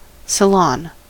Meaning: 1. A large room, especially one used to receive and entertain guests 2. A gathering of people for a social or intellectual meeting
- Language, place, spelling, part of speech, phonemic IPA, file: English, California, salon, noun, /səˈlɑn/, En-us-salon.ogg